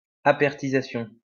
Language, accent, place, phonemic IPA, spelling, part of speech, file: French, France, Lyon, /a.pɛʁ.ti.za.sjɔ̃/, appertisation, noun, LL-Q150 (fra)-appertisation.wav
- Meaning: appertisation